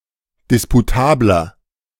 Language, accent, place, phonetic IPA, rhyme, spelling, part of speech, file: German, Germany, Berlin, [ˌdɪspuˈtaːblɐ], -aːblɐ, disputabler, adjective, De-disputabler.ogg
- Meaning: 1. comparative degree of disputabel 2. inflection of disputabel: strong/mixed nominative masculine singular 3. inflection of disputabel: strong genitive/dative feminine singular